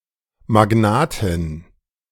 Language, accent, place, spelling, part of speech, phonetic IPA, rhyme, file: German, Germany, Berlin, Magnatin, noun, [maˈɡnaːtɪn], -aːtɪn, De-Magnatin.ogg
- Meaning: female equivalent of Magnat